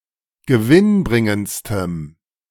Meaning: strong dative masculine/neuter singular superlative degree of gewinnbringend
- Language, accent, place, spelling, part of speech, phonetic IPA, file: German, Germany, Berlin, gewinnbringendstem, adjective, [ɡəˈvɪnˌbʁɪŋənt͡stəm], De-gewinnbringendstem.ogg